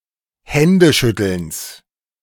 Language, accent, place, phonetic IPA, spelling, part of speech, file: German, Germany, Berlin, [ˈhɛndəˌʃʏtl̩ns], Händeschüttelns, noun, De-Händeschüttelns.ogg
- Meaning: genitive singular of Händeschütteln